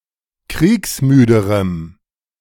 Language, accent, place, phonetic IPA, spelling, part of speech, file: German, Germany, Berlin, [ˈkʁiːksˌmyːdəʁəm], kriegsmüderem, adjective, De-kriegsmüderem.ogg
- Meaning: strong dative masculine/neuter singular comparative degree of kriegsmüde